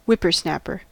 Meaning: A young and cheeky or presumptuous person; often with a connotation of ignorance via inexperience
- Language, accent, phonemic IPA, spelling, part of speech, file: English, US, /ˈʍɪpəɹˌsnæpəɹ/, whippersnapper, noun, En-us-whippersnapper.ogg